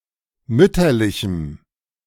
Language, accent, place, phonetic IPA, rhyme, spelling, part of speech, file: German, Germany, Berlin, [ˈmʏtɐlɪçm̩], -ʏtɐlɪçm̩, mütterlichem, adjective, De-mütterlichem.ogg
- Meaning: strong dative masculine/neuter singular of mütterlich